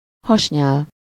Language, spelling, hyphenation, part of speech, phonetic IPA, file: Hungarian, hasnyál, has‧nyál, noun, [ˈhɒʃɲaːl], Hu-hasnyál.ogg
- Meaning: pancreatic juice (a juice produced by the pancreas)